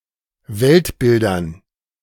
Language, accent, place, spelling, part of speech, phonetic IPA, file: German, Germany, Berlin, Weltbildern, noun, [ˈvɛltˌbɪldɐn], De-Weltbildern.ogg
- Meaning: dative plural of Weltbild